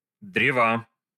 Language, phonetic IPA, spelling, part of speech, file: Russian, [ˈdrʲevə], древа, noun, Ru-древа.ogg
- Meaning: inflection of дре́во (drévo): 1. genitive singular 2. nominative/accusative plural